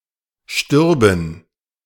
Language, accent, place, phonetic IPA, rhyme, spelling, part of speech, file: German, Germany, Berlin, [ʃtʏʁbn̩], -ʏʁbn̩, stürben, verb, De-stürben.ogg
- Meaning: first/third-person plural subjunctive II of sterben